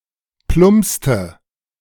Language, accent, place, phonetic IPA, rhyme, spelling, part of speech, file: German, Germany, Berlin, [ˈplʊmpstə], -ʊmpstə, plumpste, verb, De-plumpste.ogg
- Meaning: inflection of plumpsen: 1. first/third-person singular preterite 2. first/third-person singular subjunctive II